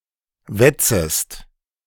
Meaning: second-person singular subjunctive I of wetzen
- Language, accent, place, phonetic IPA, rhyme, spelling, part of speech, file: German, Germany, Berlin, [ˈvɛt͡səst], -ɛt͡səst, wetzest, verb, De-wetzest.ogg